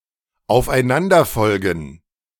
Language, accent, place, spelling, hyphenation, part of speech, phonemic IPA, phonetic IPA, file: German, Germany, Berlin, aufeinanderfolgen, auf‧ei‧n‧an‧der‧fol‧gen, verb, /aʊ̯f.aɪ̯ˈnandɐˌfɔlɡən/, [aʊ̯fʔaɪ̯ˈnandɐˌfɔlɡn̩], De-aufeinanderfolgen.ogg
- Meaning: to follow one another